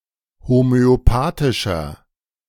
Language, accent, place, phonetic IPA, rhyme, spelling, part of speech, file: German, Germany, Berlin, [homøoˈpaːtɪʃɐ], -aːtɪʃɐ, homöopathischer, adjective, De-homöopathischer.ogg
- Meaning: inflection of homöopathisch: 1. strong/mixed nominative masculine singular 2. strong genitive/dative feminine singular 3. strong genitive plural